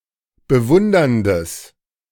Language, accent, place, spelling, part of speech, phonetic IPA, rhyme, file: German, Germany, Berlin, bewunderndes, adjective, [bəˈvʊndɐndəs], -ʊndɐndəs, De-bewunderndes.ogg
- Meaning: strong/mixed nominative/accusative neuter singular of bewundernd